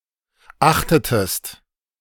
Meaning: inflection of achten: 1. second-person singular preterite 2. second-person singular subjunctive II
- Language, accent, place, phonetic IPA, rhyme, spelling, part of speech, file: German, Germany, Berlin, [ˈaxtətəst], -axtətəst, achtetest, verb, De-achtetest.ogg